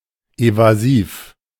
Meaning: evasive
- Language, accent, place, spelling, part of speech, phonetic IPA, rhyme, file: German, Germany, Berlin, evasiv, adjective, [ˌevaˈziːf], -iːf, De-evasiv.ogg